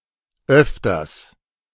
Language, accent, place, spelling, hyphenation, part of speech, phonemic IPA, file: German, Germany, Berlin, öfters, öf‧ters, adverb, /ˈʔœftɐs/, De-öfters.ogg
- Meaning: quite often